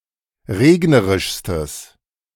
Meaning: strong/mixed nominative/accusative neuter singular superlative degree of regnerisch
- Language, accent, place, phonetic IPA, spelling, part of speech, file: German, Germany, Berlin, [ˈʁeːɡnəʁɪʃstəs], regnerischstes, adjective, De-regnerischstes.ogg